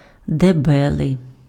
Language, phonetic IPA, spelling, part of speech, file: Ukrainian, [deˈbɛɫei̯], дебелий, adjective, Uk-дебелий.ogg
- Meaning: 1. about a person: hulking, large, broad-shouldered, strong, thick 2. about an object: thick, dense, rough and durable